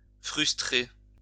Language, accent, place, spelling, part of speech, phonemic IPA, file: French, France, Lyon, frustrer, verb, /fʁys.tʁe/, LL-Q150 (fra)-frustrer.wav
- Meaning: 1. to frustrate, to vex 2. to wrongly deprive